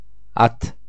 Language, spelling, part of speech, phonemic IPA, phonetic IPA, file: Turkish, at, noun / verb, /ˈat/, [ˈɑt], Tur-at.ogg
- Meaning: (noun) 1. horse 2. knight; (verb) second-person singular imperative of atmak